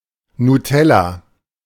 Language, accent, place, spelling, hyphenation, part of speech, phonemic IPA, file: German, Germany, Berlin, Nutella, Nu‧tel‧la, noun, /nuˈtɛla/, De-Nutella.ogg
- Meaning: 1. Nutella (any chocolate spread) 2. a container of chocolate spread